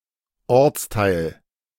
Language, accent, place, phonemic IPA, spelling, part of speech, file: German, Germany, Berlin, /ˈɔʁt͡sˌtaɪ̯l/, Ortsteil, noun, De-Ortsteil.ogg
- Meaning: district (of a town), locality